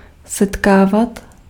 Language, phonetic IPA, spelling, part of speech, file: Czech, [ˈsɛtkaːvat], setkávat, verb, Cs-setkávat.ogg
- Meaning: imperfective form of setkat